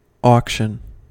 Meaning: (noun) 1. A public event where goods or property are sold to the highest bidder 2. The first stage of a deal, in which players bid to determine the final contract; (verb) To sell at an auction
- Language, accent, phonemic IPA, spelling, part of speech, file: English, US, /ˈɔkʃən/, auction, noun / verb, En-us-auction.ogg